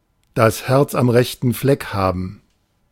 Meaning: to have one's heart in the right place
- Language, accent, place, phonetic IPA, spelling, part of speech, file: German, Germany, Berlin, [das hɛʁt͡s am ʁɛçtn̩ ˈflɛk haːbm̩], das Herz am rechten Fleck haben, verb, De-das Herz am rechten Fleck haben.ogg